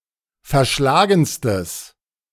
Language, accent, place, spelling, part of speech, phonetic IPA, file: German, Germany, Berlin, verschlagenstes, adjective, [fɛɐ̯ˈʃlaːɡn̩stəs], De-verschlagenstes.ogg
- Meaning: strong/mixed nominative/accusative neuter singular superlative degree of verschlagen